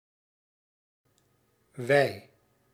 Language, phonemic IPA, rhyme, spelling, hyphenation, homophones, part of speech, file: Dutch, /ʋɛi̯/, -ɛi̯, wei, wei, wij, noun, Nl-wei.ogg
- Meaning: 1. a product obtained from milk; whey 2. serum, a component of blood which does not play a role in clotting 3. alternative form of weide